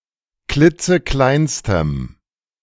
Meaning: strong dative masculine/neuter singular superlative degree of klitzeklein
- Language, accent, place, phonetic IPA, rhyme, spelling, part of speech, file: German, Germany, Berlin, [ˈklɪt͡səˈklaɪ̯nstəm], -aɪ̯nstəm, klitzekleinstem, adjective, De-klitzekleinstem.ogg